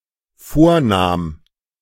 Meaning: first/third-person singular dependent preterite of vornehmen
- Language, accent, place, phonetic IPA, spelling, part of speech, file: German, Germany, Berlin, [ˈfoːɐ̯ˌnaːm], vornahm, verb, De-vornahm.ogg